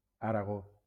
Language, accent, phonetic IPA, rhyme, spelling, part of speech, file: Catalan, Valencia, [a.ɾaˈɣo], -o, Aragó, proper noun, LL-Q7026 (cat)-Aragó.wav
- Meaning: Aragon (a medieval kingdom, now an autonomous community, in northeastern Spain)